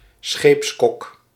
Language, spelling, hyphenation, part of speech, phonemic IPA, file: Dutch, scheepskok, scheeps‧kok, noun, /ˈsxeːps.kɔk/, Nl-scheepskok.ogg
- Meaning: the cook of a ship